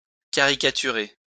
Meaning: to caricature
- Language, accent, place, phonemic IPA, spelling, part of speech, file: French, France, Lyon, /ka.ʁi.ka.ty.ʁe/, caricaturer, verb, LL-Q150 (fra)-caricaturer.wav